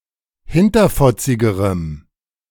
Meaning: strong dative masculine/neuter singular comparative degree of hinterfotzig
- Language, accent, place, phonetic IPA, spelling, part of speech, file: German, Germany, Berlin, [ˈhɪntɐfɔt͡sɪɡəʁəm], hinterfotzigerem, adjective, De-hinterfotzigerem.ogg